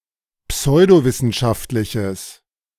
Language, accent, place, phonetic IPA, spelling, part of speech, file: German, Germany, Berlin, [ˈpsɔɪ̯doˌvɪsn̩ʃaftlɪçəs], pseudowissenschaftliches, adjective, De-pseudowissenschaftliches.ogg
- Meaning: strong/mixed nominative/accusative neuter singular of pseudowissenschaftlich